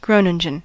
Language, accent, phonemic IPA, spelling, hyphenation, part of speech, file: English, US, /ˈɡɹoʊnɪŋən/, Groningen, Gro‧nin‧gen, proper noun, En-us-Groningen.ogg
- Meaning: 1. A city and capital of Groningen, Netherlands 2. A municipality of Groningen, Netherlands 3. A province of the Netherlands 4. A village and resort in Saramacca, Suriname